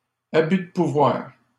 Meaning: abuse of power
- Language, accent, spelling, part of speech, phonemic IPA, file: French, Canada, abus de pouvoir, noun, /a.by d(ə) pu.vwaʁ/, LL-Q150 (fra)-abus de pouvoir.wav